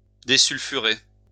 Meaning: to desulfurize
- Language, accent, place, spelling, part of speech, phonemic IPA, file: French, France, Lyon, désulfurer, verb, /de.syl.fy.ʁe/, LL-Q150 (fra)-désulfurer.wav